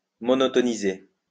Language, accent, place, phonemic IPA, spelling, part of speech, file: French, France, Lyon, /mɔ.nɔ.tɔ.ni.ze/, monotoniser, verb, LL-Q150 (fra)-monotoniser.wav
- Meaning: to monotonize